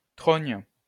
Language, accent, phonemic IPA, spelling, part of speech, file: French, France, /tʁɔɲ/, trogne, noun, LL-Q150 (fra)-trogne.wav
- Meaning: 1. pollard (pollarded tree) 2. mug (face)